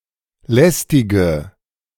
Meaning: inflection of lästig: 1. strong/mixed nominative/accusative feminine singular 2. strong nominative/accusative plural 3. weak nominative all-gender singular 4. weak accusative feminine/neuter singular
- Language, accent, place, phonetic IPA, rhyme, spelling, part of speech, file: German, Germany, Berlin, [ˈlɛstɪɡə], -ɛstɪɡə, lästige, adjective, De-lästige.ogg